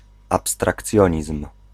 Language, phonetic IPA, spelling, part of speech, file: Polish, [ˌapstrakˈt͡sʲjɔ̇̃ɲism̥], abstrakcjonizm, noun, Pl-abstrakcjonizm.ogg